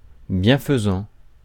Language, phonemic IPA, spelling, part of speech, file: French, /bjɛ̃.fə.zɑ̃/, bienfaisant, adjective, Fr-bienfaisant.ogg
- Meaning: beneficial; that which does good